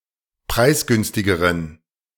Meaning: inflection of preisgünstig: 1. strong genitive masculine/neuter singular comparative degree 2. weak/mixed genitive/dative all-gender singular comparative degree
- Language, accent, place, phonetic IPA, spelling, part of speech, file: German, Germany, Berlin, [ˈpʁaɪ̯sˌɡʏnstɪɡəʁən], preisgünstigeren, adjective, De-preisgünstigeren.ogg